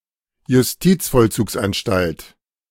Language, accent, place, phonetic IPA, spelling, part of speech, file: German, Germany, Berlin, [jʊsˈtiːt͡sfɔlˌt͡suːksʔanʃtalt], Justizvollzugsanstalt, noun, De-Justizvollzugsanstalt.ogg
- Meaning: correctional institution; prison